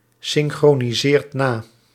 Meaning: inflection of nasynchroniseren: 1. second/third-person singular present indicative 2. plural imperative
- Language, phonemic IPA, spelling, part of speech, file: Dutch, /ˌsɪŋxroniˈzert ˈna/, synchroniseert na, verb, Nl-synchroniseert na.ogg